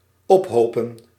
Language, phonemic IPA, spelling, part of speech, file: Dutch, /ɔpˈɦoː.pə(n)/, ophopen, verb, Nl-ophopen.ogg
- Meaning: to amass, heap up